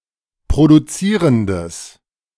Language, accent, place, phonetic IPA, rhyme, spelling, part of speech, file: German, Germany, Berlin, [pʁoduˈt͡siːʁəndəs], -iːʁəndəs, produzierendes, adjective, De-produzierendes.ogg
- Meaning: strong/mixed nominative/accusative neuter singular of produzierend